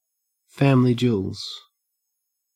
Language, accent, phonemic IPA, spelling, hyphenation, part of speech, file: English, Australia, /ˌfæ.m(ɪ.)li ˈd͡ʒuː(ə)lz/, family jewels, fam‧i‧ly jew‧els, noun, En-au-family jewels.ogg
- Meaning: 1. The testicles 2. Used other than figuratively or idiomatically: see family, jewels